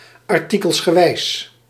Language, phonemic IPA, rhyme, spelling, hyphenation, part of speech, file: Dutch, /ɑrˌti.kəls.xəˈʋɛi̯s/, -ɛi̯s, artikelsgewijs, ar‧ti‧kels‧ge‧wijs, adjective, Nl-artikelsgewijs.ogg
- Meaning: 1. article by article (numbered section) 2. divided into articles (numbered section)